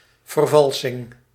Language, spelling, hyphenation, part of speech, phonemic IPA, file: Dutch, vervalsing, ver‧val‧sing, noun, /vərˈvɑl.sɪŋ/, Nl-vervalsing.ogg
- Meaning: 1. forgery, fake, falsification 2. forgery, the act of forging, faking, falsifying